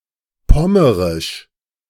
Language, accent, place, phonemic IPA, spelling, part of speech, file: German, Germany, Berlin, /pɔmərɪʃ/, pommerisch, adjective, De-pommerisch.ogg
- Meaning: of Pommern